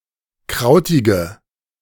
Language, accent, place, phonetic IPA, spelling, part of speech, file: German, Germany, Berlin, [ˈkʁaʊ̯tɪɡə], krautige, adjective, De-krautige.ogg
- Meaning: inflection of krautig: 1. strong/mixed nominative/accusative feminine singular 2. strong nominative/accusative plural 3. weak nominative all-gender singular 4. weak accusative feminine/neuter singular